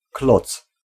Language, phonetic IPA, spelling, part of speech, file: Polish, [klɔt͡s], kloc, noun, Pl-kloc.ogg